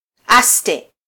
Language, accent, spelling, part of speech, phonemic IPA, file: Swahili, Kenya, aste, adjective, /ˈɑs.tɛ/, Sw-ke-aste.flac
- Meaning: slow (not quick in motion)